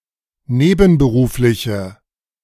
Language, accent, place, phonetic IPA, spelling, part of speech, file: German, Germany, Berlin, [ˈneːbn̩bəˌʁuːflɪçə], nebenberufliche, adjective, De-nebenberufliche.ogg
- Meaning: inflection of nebenberuflich: 1. strong/mixed nominative/accusative feminine singular 2. strong nominative/accusative plural 3. weak nominative all-gender singular